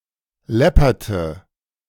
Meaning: inflection of läppern: 1. first/third-person singular preterite 2. first/third-person singular subjunctive II
- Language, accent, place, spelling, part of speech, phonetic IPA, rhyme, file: German, Germany, Berlin, läpperte, verb, [ˈlɛpɐtə], -ɛpɐtə, De-läpperte.ogg